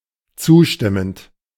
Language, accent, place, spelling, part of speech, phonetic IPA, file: German, Germany, Berlin, zustimmend, verb, [ˈt͡suːˌʃtɪmənt], De-zustimmend.ogg
- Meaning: present participle of zustimmen